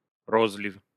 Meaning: bottling
- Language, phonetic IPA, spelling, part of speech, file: Russian, [ˈroz⁽ʲ⁾lʲɪf], розлив, noun, Ru-ро́злив.ogg